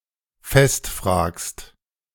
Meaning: second-person singular present of festfragen
- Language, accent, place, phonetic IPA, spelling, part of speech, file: German, Germany, Berlin, [ˈfɛstˌfr̺aːkst], festfragst, verb, De-festfragst.ogg